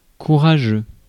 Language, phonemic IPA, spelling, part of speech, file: French, /ku.ʁa.ʒø/, courageux, adjective, Fr-courageux.ogg
- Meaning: courageous, brave, daring